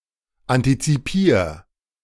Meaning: 1. singular imperative of antizipieren 2. first-person singular present of antizipieren
- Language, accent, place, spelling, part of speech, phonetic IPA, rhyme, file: German, Germany, Berlin, antizipier, verb, [ˌantit͡siˈpiːɐ̯], -iːɐ̯, De-antizipier.ogg